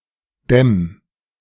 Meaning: 1. singular imperative of dämmen 2. first-person singular present of dämmen
- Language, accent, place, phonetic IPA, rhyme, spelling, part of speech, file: German, Germany, Berlin, [dɛm], -ɛm, dämm, verb, De-dämm.ogg